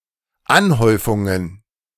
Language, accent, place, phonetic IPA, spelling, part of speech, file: German, Germany, Berlin, [ˈanˌhɔɪ̯fʊŋən], Anhäufungen, noun, De-Anhäufungen.ogg
- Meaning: plural of Anhäufung